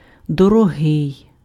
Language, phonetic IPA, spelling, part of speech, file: Ukrainian, [dɔrɔˈɦɪi̯], дорогий, adjective, Uk-дорогий.ogg
- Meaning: 1. dear 2. dear, expensive